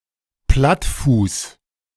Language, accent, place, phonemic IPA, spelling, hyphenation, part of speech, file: German, Germany, Berlin, /ˈplatfuːs/, Plattfuß, Platt‧fuß, noun, De-Plattfuß.ogg
- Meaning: 1. flatfoot 2. flat tyre